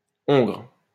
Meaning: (adjective) gelded; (noun) gelding (gelded, castrated male horse); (verb) inflection of hongrer: 1. first/third-person singular present indicative/subjunctive 2. second-person singular imperative
- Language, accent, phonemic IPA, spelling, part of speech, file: French, France, /ɔ̃ɡʁ/, hongre, adjective / noun / verb, LL-Q150 (fra)-hongre.wav